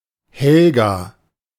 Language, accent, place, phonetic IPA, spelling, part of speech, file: German, Germany, Berlin, [ˈhɛlɡa], Helga, proper noun, De-Helga.ogg
- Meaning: a female given name from Old Norse Helga